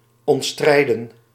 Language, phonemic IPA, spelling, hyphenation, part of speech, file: Dutch, /ˌɔntˈstrɛi̯də(n)/, ontstrijden, ont‧strij‧den, verb, Nl-ontstrijden.ogg
- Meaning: 1. to challenge, to dispute 2. to take away violently, to plunder